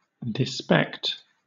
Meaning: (noun) Contempt, derision; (verb) To hold in contempt, to despise, to look down on, to scorn
- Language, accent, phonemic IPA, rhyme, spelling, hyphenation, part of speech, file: English, Southern England, /dɪˈspɛkt/, -ɛkt, despect, de‧spect, noun / verb, LL-Q1860 (eng)-despect.wav